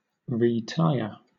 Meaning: To fit (a vehicle) with new tyres
- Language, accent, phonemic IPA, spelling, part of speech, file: English, Southern England, /ɹiːˈtaɪə/, retyre, verb, LL-Q1860 (eng)-retyre.wav